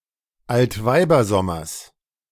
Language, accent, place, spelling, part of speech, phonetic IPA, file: German, Germany, Berlin, Altweibersommers, noun, [altˈvaɪ̯bɐˌzɔmɐs], De-Altweibersommers.ogg
- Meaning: genitive singular of Altweibersommer